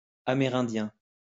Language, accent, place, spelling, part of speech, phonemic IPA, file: French, France, Lyon, Amérindiens, noun, /a.me.ʁɛ̃.djɛ̃/, LL-Q150 (fra)-Amérindiens.wav
- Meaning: plural of Amérindien